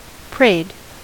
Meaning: simple past and past participle of pray
- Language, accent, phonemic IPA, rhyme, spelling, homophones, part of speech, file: English, US, /pɹeɪd/, -eɪd, prayed, preyed, verb, En-us-prayed.ogg